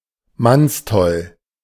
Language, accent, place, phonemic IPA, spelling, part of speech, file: German, Germany, Berlin, /ˈmansˌtɔl/, mannstoll, adjective, De-mannstoll.ogg
- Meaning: man-mad, nymphomaniac